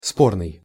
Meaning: disputable, controversial, arguable
- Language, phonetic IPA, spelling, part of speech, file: Russian, [ˈspornɨj], спорный, adjective, Ru-спорный.ogg